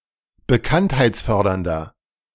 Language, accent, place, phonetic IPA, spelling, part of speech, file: German, Germany, Berlin, [bəˈkanthaɪ̯t͡sˌfœʁdɐndɐ], bekanntheitsfördernder, adjective, De-bekanntheitsfördernder.ogg
- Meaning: inflection of bekanntheitsfördernd: 1. strong/mixed nominative masculine singular 2. strong genitive/dative feminine singular 3. strong genitive plural